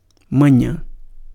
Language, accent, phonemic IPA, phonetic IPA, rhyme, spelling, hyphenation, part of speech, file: Portuguese, Brazil, /mɐ̃ˈɲɐ̃/, [mɐ̃ˈj̃ɐ̃], -ɐ̃, manhã, ma‧nhã, noun, Pt-manhã.ogg
- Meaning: morning